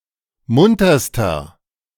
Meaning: inflection of munter: 1. strong/mixed nominative masculine singular superlative degree 2. strong genitive/dative feminine singular superlative degree 3. strong genitive plural superlative degree
- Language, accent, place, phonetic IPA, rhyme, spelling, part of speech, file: German, Germany, Berlin, [ˈmʊntɐstɐ], -ʊntɐstɐ, munterster, adjective, De-munterster.ogg